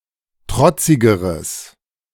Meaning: strong/mixed nominative/accusative neuter singular comparative degree of trotzig
- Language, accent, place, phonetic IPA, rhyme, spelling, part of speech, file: German, Germany, Berlin, [ˈtʁɔt͡sɪɡəʁəs], -ɔt͡sɪɡəʁəs, trotzigeres, adjective, De-trotzigeres.ogg